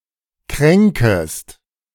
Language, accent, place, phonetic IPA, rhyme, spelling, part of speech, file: German, Germany, Berlin, [ˈkʁɛŋkəst], -ɛŋkəst, kränkest, verb, De-kränkest.ogg
- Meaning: second-person singular subjunctive I of kränken